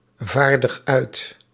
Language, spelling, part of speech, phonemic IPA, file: Dutch, vaardig uit, verb, /ˈvardəx ˈœyt/, Nl-vaardig uit.ogg
- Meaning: inflection of uitvaardigen: 1. first-person singular present indicative 2. second-person singular present indicative 3. imperative